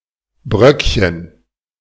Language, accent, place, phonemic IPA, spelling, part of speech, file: German, Germany, Berlin, /ˈbʁœkçən/, Bröckchen, noun, De-Bröckchen.ogg
- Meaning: diminutive of Brocken